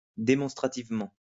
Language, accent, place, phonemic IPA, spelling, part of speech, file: French, France, Lyon, /de.mɔ̃s.tʁa.tiv.mɑ̃/, démonstrativement, adverb, LL-Q150 (fra)-démonstrativement.wav
- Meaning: demonstratively